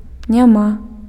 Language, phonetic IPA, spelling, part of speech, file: Belarusian, [nʲaˈma], няма, verb, Be-няма.ogg
- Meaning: there is no, there are no (+ genitive)